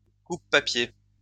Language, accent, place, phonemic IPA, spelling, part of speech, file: French, France, Lyon, /kup.pa.pje/, coupe-papier, noun, LL-Q150 (fra)-coupe-papier.wav
- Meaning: paperknife